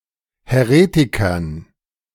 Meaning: dative plural of Häretiker
- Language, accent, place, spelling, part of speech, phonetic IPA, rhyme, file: German, Germany, Berlin, Häretikern, noun, [hɛˈʁeːtɪkɐn], -eːtɪkɐn, De-Häretikern.ogg